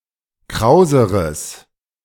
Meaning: strong/mixed nominative/accusative neuter singular comparative degree of kraus
- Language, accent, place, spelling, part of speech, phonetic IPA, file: German, Germany, Berlin, krauseres, adjective, [ˈkʁaʊ̯zəʁəs], De-krauseres.ogg